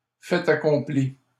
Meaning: fait accompli; done deal
- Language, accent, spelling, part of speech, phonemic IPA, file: French, Canada, fait accompli, noun, /fɛ.t‿a.kɔ̃.pli/, LL-Q150 (fra)-fait accompli.wav